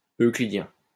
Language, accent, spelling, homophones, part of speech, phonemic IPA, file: French, France, euclidien, euclidiens, adjective, /ø.kli.djɛ̃/, LL-Q150 (fra)-euclidien.wav
- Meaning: Euclidean